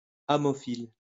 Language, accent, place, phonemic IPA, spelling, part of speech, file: French, France, Lyon, /a.mɔ.fil/, ammophile, noun, LL-Q150 (fra)-ammophile.wav
- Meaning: 1. sand wasp (of genus Ammophila) 2. marram (grass of genus Ammophila)